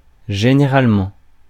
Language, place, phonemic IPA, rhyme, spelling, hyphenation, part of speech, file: French, Paris, /ʒe.ne.ʁal.mɑ̃/, -ɑ̃, généralement, gé‧né‧rale‧ment, adverb, Fr-généralement.ogg
- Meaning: generally, in general